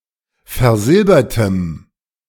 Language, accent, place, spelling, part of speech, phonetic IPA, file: German, Germany, Berlin, versilbertem, adjective, [fɛɐ̯ˈzɪlbɐtəm], De-versilbertem.ogg
- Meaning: strong dative masculine/neuter singular of versilbert